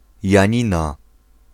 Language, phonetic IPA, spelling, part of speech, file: Polish, [jä̃ˈɲĩna], Janina, proper noun, Pl-Janina.ogg